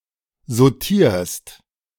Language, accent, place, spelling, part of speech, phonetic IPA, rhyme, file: German, Germany, Berlin, sautierst, verb, [zoˈtiːɐ̯st], -iːɐ̯st, De-sautierst.ogg
- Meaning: second-person singular present of sautieren